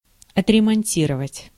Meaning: to repair, to refit, to recondition
- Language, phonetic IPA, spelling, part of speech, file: Russian, [ɐtrʲɪmɐnʲˈtʲirəvətʲ], отремонтировать, verb, Ru-отремонтировать.ogg